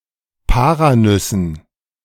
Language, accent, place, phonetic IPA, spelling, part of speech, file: German, Germany, Berlin, [ˈpaːʁaˌnʏsn̩], Paranüssen, noun, De-Paranüssen.ogg
- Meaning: dative plural of Paranuss